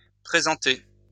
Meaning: feminine plural of présenté
- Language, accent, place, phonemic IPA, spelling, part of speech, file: French, France, Lyon, /pʁe.zɑ̃.te/, présentées, verb, LL-Q150 (fra)-présentées.wav